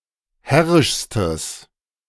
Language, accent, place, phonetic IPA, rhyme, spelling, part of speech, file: German, Germany, Berlin, [ˈhɛʁɪʃstəs], -ɛʁɪʃstəs, herrischstes, adjective, De-herrischstes.ogg
- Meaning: strong/mixed nominative/accusative neuter singular superlative degree of herrisch